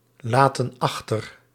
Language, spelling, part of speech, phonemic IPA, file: Dutch, laten achter, verb, /ˈlatə(n) ˈɑxtər/, Nl-laten achter.ogg
- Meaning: inflection of achterlaten: 1. plural present indicative 2. plural present subjunctive